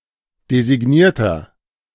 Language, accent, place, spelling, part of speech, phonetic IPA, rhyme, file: German, Germany, Berlin, designierter, adjective, [dezɪˈɡniːɐ̯tɐ], -iːɐ̯tɐ, De-designierter.ogg
- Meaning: inflection of designiert: 1. strong/mixed nominative masculine singular 2. strong genitive/dative feminine singular 3. strong genitive plural